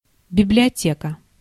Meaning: 1. library (in all senses) 2. bookshelf
- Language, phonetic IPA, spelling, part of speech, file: Russian, [bʲɪblʲɪɐˈtʲekə], библиотека, noun, Ru-библиотека.ogg